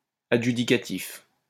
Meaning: 1. adjudicating 2. adjudicative
- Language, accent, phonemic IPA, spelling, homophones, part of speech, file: French, France, /a.dʒy.di.ka.tif/, adjudicatif, adjudicatifs, adjective, LL-Q150 (fra)-adjudicatif.wav